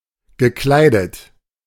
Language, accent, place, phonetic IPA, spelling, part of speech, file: German, Germany, Berlin, [ɡəˈklaɪ̯dət], gekleidet, verb, De-gekleidet.ogg
- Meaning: past participle of kleiden